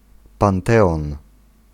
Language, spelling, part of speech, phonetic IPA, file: Polish, panteon, noun, [pãnˈtɛɔ̃n], Pl-panteon.ogg